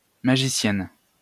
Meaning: female equivalent of magicien
- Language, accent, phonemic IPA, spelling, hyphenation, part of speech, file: French, France, /ma.ʒi.sjɛn/, magicienne, ma‧gi‧cienne, noun, LL-Q150 (fra)-magicienne.wav